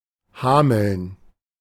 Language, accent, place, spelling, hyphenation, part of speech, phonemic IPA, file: German, Germany, Berlin, Hameln, Ha‧meln, proper noun, /ˈhaːməln/, De-Hameln.ogg
- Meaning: 1. Hamelin (a town, the administrative seat of Hameln-Pyrmont district, Lower Saxony, Germany) 2. a surname transferred from the place name